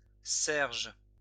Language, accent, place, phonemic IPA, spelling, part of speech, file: French, France, Lyon, /sɛʁʒ/, serge, noun, LL-Q150 (fra)-serge.wav
- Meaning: twill, serge